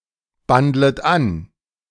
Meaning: second-person plural subjunctive I of anbandeln
- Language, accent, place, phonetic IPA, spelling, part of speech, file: German, Germany, Berlin, [ˌbandlət ˈan], bandlet an, verb, De-bandlet an.ogg